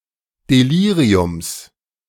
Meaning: genitive of Delirium
- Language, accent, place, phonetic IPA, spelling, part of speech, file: German, Germany, Berlin, [deˈliːʁiʊms], Deliriums, noun, De-Deliriums.ogg